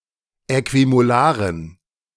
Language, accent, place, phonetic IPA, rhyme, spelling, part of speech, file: German, Germany, Berlin, [ˌɛkvimoˈlaːʁən], -aːʁən, äquimolaren, adjective, De-äquimolaren.ogg
- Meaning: inflection of äquimolar: 1. strong genitive masculine/neuter singular 2. weak/mixed genitive/dative all-gender singular 3. strong/weak/mixed accusative masculine singular 4. strong dative plural